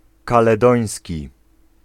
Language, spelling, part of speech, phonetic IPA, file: Polish, kaledoński, adjective, [ˌkalɛˈdɔ̃j̃sʲci], Pl-kaledoński.ogg